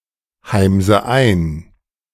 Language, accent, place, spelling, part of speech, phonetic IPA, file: German, Germany, Berlin, heimse ein, verb, [ˌhaɪ̯mzə ˈaɪ̯n], De-heimse ein.ogg
- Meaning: inflection of einheimsen: 1. first-person singular present 2. first/third-person singular subjunctive I 3. singular imperative